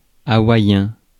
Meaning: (noun) alternative spelling of hawaïen
- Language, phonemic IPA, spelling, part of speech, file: French, /a.wa.jɛ̃/, hawaiien, noun / adjective, Fr-hawaiien.ogg